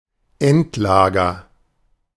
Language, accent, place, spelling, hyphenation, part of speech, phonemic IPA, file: German, Germany, Berlin, Endlager, End‧la‧ger, noun, /ˈɛntˌlaːɡɐ/, De-Endlager.ogg
- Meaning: 1. A storage facility where something (usually waste or toxic matter) is to be stored indefinitely or for a very long time 2. Such a facility for radioactive waste; a deep geological repository